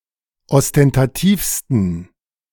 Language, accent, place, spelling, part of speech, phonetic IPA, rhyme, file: German, Germany, Berlin, ostentativsten, adjective, [ɔstɛntaˈtiːfstn̩], -iːfstn̩, De-ostentativsten.ogg
- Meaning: 1. superlative degree of ostentativ 2. inflection of ostentativ: strong genitive masculine/neuter singular superlative degree